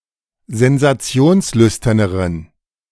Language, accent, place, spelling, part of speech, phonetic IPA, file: German, Germany, Berlin, sensationslüsterneren, adjective, [zɛnzaˈt͡si̯oːnsˌlʏstɐnəʁən], De-sensationslüsterneren.ogg
- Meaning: inflection of sensationslüstern: 1. strong genitive masculine/neuter singular comparative degree 2. weak/mixed genitive/dative all-gender singular comparative degree